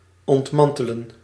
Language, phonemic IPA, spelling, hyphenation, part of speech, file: Dutch, /ˌɔntˈmɑn.tə.lə(n)/, ontmantelen, ont‧man‧te‧len, verb, Nl-ontmantelen.ogg
- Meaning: to dismantle